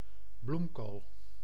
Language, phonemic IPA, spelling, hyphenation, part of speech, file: Dutch, /ˈblum.koːl/, bloemkool, bloem‧kool, noun, Nl-bloemkool.ogg
- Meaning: 1. cauliflower 2. large breast, melon, bazonga (often modified with adjectives or phrases indicating a large size)